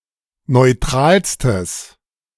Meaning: strong/mixed nominative/accusative neuter singular superlative degree of neutral
- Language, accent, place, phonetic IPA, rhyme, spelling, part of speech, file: German, Germany, Berlin, [nɔɪ̯ˈtʁaːlstəs], -aːlstəs, neutralstes, adjective, De-neutralstes.ogg